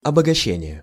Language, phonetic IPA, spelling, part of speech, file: Russian, [ɐbəɡɐˈɕːenʲɪje], обогащение, noun, Ru-обогащение.ogg
- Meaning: 1. enrichment 2. improvement, enrichment 3. concentration